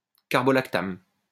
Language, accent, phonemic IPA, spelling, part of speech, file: French, France, /ka.pʁɔ.lak.tam/, caprolactame, noun, LL-Q150 (fra)-caprolactame.wav
- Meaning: caprolactam